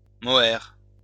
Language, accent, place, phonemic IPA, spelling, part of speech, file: French, France, Lyon, /mɔ.ɛʁ/, mohair, noun, LL-Q150 (fra)-mohair.wav
- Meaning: mohair